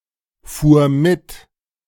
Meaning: first/third-person singular preterite of mitfahren
- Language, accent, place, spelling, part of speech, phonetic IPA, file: German, Germany, Berlin, fuhr mit, verb, [ˌfuːɐ̯ ˈmɪt], De-fuhr mit.ogg